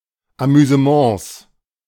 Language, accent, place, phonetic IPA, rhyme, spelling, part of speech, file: German, Germany, Berlin, [amyzəˈmɑ̃ːs], -ɑ̃ːs, Amüsements, noun, De-Amüsements.ogg
- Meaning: 1. plural of Amüsement 2. genitive singular of Amüsement